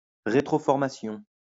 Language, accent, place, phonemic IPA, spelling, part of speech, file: French, France, Lyon, /ʁe.tʁɔ.fɔʁ.ma.sjɔ̃/, rétroformation, noun, LL-Q150 (fra)-rétroformation.wav
- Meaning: back-formation